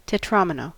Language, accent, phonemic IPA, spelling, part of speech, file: English, US, /tɛˈtɹɑməˌnoʊ/, tetromino, noun, En-us-tetromino.ogg
- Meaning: A polyomino consisting of four squares connected edge-to-edge